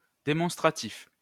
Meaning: demonstrative
- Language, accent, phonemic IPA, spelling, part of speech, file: French, France, /de.mɔ̃s.tʁa.tif/, démonstratif, adjective, LL-Q150 (fra)-démonstratif.wav